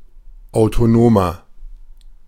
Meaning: inflection of autonom: 1. strong/mixed nominative masculine singular 2. strong genitive/dative feminine singular 3. strong genitive plural
- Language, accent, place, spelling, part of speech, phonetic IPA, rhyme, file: German, Germany, Berlin, autonomer, adjective, [aʊ̯toˈnoːmɐ], -oːmɐ, De-autonomer.ogg